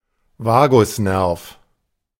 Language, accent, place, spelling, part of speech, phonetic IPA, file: German, Germany, Berlin, Vagusnerv, noun, [ˈvaːɡʊsˌnɛʁf], De-Vagusnerv.ogg
- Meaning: vagus nerve (cranial nerve)